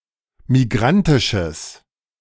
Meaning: strong/mixed nominative/accusative neuter singular of migrantisch
- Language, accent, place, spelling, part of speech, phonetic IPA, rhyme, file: German, Germany, Berlin, migrantisches, adjective, [miˈɡʁantɪʃəs], -antɪʃəs, De-migrantisches.ogg